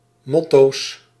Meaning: plural of motto
- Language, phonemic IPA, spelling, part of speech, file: Dutch, /ˈmɔtos/, motto's, noun, Nl-motto's.ogg